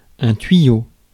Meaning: 1. pipe 2. tube 3. insider tip 4. chimney pot
- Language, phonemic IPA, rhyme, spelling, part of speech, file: French, /tɥi.jo/, -jo, tuyau, noun, Fr-tuyau.ogg